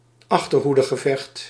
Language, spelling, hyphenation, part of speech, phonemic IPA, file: Dutch, achterhoedegevecht, ach‧ter‧hoe‧de‧ge‧vecht, noun, /ˈɑx.tər.ɦu.də.ɣəˌvɛxt/, Nl-achterhoedegevecht.ogg
- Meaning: rearguard battle, rearguard fight (battle involving the rearguard of a military force, usually on retreat)